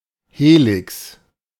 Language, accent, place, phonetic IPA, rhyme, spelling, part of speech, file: German, Germany, Berlin, [ˈheːlɪks], -eːlɪks, Helix, noun, De-Helix.ogg
- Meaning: helix